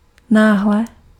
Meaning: suddenly
- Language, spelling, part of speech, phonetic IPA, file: Czech, náhle, adverb, [ˈnaːɦlɛ], Cs-náhle.ogg